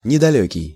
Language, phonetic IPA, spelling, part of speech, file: Russian, [nʲɪdɐˈlʲɵkʲɪj], недалёкий, adjective, Ru-недалёкий.ogg
- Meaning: 1. close, near, nearby 2. close, near (in time); recent, soon 3. dim-witted, narrow-minded, stupid